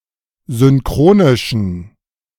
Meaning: inflection of synchronisch: 1. strong genitive masculine/neuter singular 2. weak/mixed genitive/dative all-gender singular 3. strong/weak/mixed accusative masculine singular 4. strong dative plural
- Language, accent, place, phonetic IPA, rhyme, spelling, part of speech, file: German, Germany, Berlin, [zʏnˈkʁoːnɪʃn̩], -oːnɪʃn̩, synchronischen, adjective, De-synchronischen.ogg